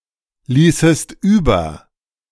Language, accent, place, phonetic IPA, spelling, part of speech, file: German, Germany, Berlin, [ˌliːsəst ˈyːbɐ], ließest über, verb, De-ließest über.ogg
- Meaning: second-person singular subjunctive II of überlassen